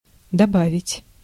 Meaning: to add
- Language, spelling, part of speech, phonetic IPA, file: Russian, добавить, verb, [dɐˈbavʲɪtʲ], Ru-добавить.ogg